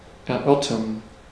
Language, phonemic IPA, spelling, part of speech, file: German, /ɛɐ̯ˈʔœʁtɐn/, erörtern, verb, De-erörtern.ogg
- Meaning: to discuss (to converse or debate concerning a particular topic)